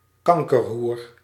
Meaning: fucking whore, fucking slut (insult for a woman)
- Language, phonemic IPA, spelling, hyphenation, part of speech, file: Dutch, /ˈkɑŋ.kərˌɦur/, kankerhoer, kan‧ker‧hoer, noun, Nl-kankerhoer.ogg